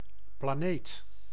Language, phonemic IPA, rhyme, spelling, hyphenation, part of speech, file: Dutch, /plaːˈneːt/, -eːt, planeet, pla‧neet, noun, Nl-planeet.ogg
- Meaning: a planet